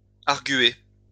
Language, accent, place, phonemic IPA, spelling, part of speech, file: French, France, Lyon, /aʁ.ɡɥe/, argüer, verb, LL-Q150 (fra)-argüer.wav
- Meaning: post-1990 spelling of arguer